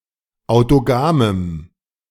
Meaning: strong dative masculine/neuter singular of autogam
- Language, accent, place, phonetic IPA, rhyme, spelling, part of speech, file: German, Germany, Berlin, [aʊ̯toˈɡaːməm], -aːməm, autogamem, adjective, De-autogamem.ogg